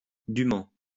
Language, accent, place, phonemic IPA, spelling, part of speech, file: French, France, Lyon, /dy.mɑ̃/, dument, adverb, LL-Q150 (fra)-dument.wav
- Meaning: post-1990 spelling of dûment